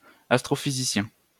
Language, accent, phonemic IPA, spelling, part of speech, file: French, France, /as.tʁo.fi.zi.sjɛ̃/, astrophysicien, noun, LL-Q150 (fra)-astrophysicien.wav
- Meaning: astrophysicist